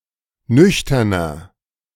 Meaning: 1. comparative degree of nüchtern 2. inflection of nüchtern: strong/mixed nominative masculine singular 3. inflection of nüchtern: strong genitive/dative feminine singular
- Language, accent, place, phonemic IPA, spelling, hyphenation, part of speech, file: German, Germany, Berlin, /ˈnʏçtɐnɐ/, nüchterner, nüch‧ter‧ner, adjective, De-nüchterner.ogg